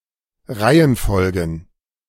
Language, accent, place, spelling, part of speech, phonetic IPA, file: German, Germany, Berlin, Reihenfolgen, noun, [ˈʁaɪ̯ənˌfɔlɡn̩], De-Reihenfolgen.ogg
- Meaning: plural of Reihenfolge